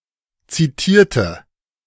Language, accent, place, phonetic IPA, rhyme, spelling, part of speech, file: German, Germany, Berlin, [ˌt͡siˈtiːɐ̯tə], -iːɐ̯tə, zitierte, adjective / verb, De-zitierte.ogg
- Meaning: inflection of zitieren: 1. first/third-person singular preterite 2. first/third-person singular subjunctive II